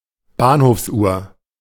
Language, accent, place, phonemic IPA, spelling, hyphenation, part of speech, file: German, Germany, Berlin, /ˈbaːnhoːfsˌʔuːɐ̯/, Bahnhofsuhr, Bahn‧hofs‧uhr, noun, De-Bahnhofsuhr.ogg
- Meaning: station clock (at a train station)